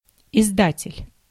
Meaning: publisher (one who publishes, especially books)
- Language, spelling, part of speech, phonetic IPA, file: Russian, издатель, noun, [ɪzˈdatʲɪlʲ], Ru-издатель.ogg